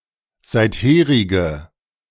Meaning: inflection of seitherig: 1. strong/mixed nominative/accusative feminine singular 2. strong nominative/accusative plural 3. weak nominative all-gender singular
- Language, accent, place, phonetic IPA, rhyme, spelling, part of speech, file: German, Germany, Berlin, [ˌzaɪ̯tˈheːʁɪɡə], -eːʁɪɡə, seitherige, adjective, De-seitherige.ogg